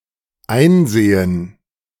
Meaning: 1. to gain insight into, comprehend, understand, recognize, realize, accept, convince oneself 2. to examine, to see into, to inspect, to look closely at 3. to consult (book, document)
- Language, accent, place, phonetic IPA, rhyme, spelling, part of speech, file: German, Germany, Berlin, [ˈaɪ̯nˌzeːən], -aɪ̯nzeːən, einsehen, verb, De-einsehen.ogg